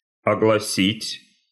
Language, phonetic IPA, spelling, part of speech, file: Russian, [ɐɡɫɐˈsʲitʲ], огласить, verb, Ru-огласить.ogg
- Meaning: 1. to announce, to proclaim, to read out 2. to divulge, to make public 3. to fill with sound, to resound